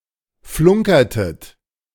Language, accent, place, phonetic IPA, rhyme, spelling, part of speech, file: German, Germany, Berlin, [ˈflʊŋkɐtət], -ʊŋkɐtət, flunkertet, verb, De-flunkertet.ogg
- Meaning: inflection of flunkern: 1. second-person plural preterite 2. second-person plural subjunctive II